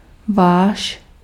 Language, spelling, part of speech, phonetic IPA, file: Czech, váš, pronoun, [ˈvaːʃ], Cs-váš.ogg
- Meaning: your, yours (2nd-person singular formal or 2nd-person plural)